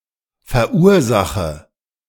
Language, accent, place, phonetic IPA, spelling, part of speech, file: German, Germany, Berlin, [fɛɐ̯ˈʔuːɐ̯ˌzaxə], verursache, verb, De-verursache.ogg
- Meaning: inflection of verursachen: 1. first-person singular present 2. first/third-person singular subjunctive I 3. singular imperative